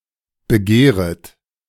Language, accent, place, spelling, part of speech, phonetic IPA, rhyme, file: German, Germany, Berlin, begehret, verb, [bəˈɡeːʁət], -eːʁət, De-begehret.ogg
- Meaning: second-person plural subjunctive I of begehren